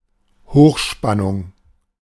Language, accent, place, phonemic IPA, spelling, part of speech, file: German, Germany, Berlin, /ˈhoːxʃpanʊŋ/, Hochspannung, noun, De-Hochspannung.ogg
- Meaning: 1. high tension, high voltage 2. high tension